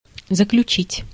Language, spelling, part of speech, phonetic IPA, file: Russian, заключить, verb, [zəklʲʉˈt͡ɕitʲ], Ru-заключить.ogg
- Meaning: 1. to conclude, to close, to end 2. to conclude, to infer 3. to conclude 4. to enclose, to put 5. to confine, to imprison, to incarcerate